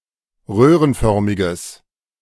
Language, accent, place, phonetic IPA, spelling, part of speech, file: German, Germany, Berlin, [ˈʁøːʁənˌfœʁmɪɡəs], röhrenförmiges, adjective, De-röhrenförmiges.ogg
- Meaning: strong/mixed nominative/accusative neuter singular of röhrenförmig